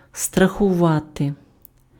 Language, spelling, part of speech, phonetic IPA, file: Ukrainian, страхувати, verb, [strɐxʊˈʋate], Uk-страхувати.ogg
- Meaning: to insure (provide for compensation if some specified risk occurs)